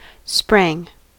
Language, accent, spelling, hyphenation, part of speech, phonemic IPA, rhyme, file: English, US, sprang, sprang, verb, /ˈspɹæŋ/, -æŋ, En-us-sprang.ogg
- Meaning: simple past of spring